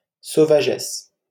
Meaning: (adjective) feminine singular of sauvage; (noun) female equivalent of sauvage
- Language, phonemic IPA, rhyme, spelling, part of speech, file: French, /so.va.ʒɛs/, -ɛs, sauvagesse, adjective / noun, LL-Q150 (fra)-sauvagesse.wav